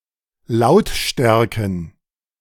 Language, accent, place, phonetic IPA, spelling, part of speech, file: German, Germany, Berlin, [ˈlaʊ̯tˌʃtɛʁkn̩], Lautstärken, noun, De-Lautstärken.ogg
- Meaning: plural of Lautstärke